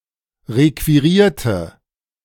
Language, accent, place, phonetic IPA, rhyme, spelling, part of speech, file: German, Germany, Berlin, [ˌʁekviˈʁiːɐ̯tə], -iːɐ̯tə, requirierte, adjective / verb, De-requirierte.ogg
- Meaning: inflection of requirieren: 1. first/third-person singular preterite 2. first/third-person singular subjunctive II